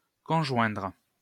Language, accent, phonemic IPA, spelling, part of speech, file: French, France, /kɔ̃.ʒwɛ̃dʁ/, conjoindre, verb, LL-Q150 (fra)-conjoindre.wav
- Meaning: to conjoin